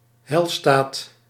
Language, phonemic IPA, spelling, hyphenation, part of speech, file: Dutch, /ˈɦɛi̯l.staːt/, heilstaat, heil‧staat, noun, Nl-heilstaat.ogg
- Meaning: 1. an ideal state, a utopia, in particular a socialist utopia 2. the state of salvation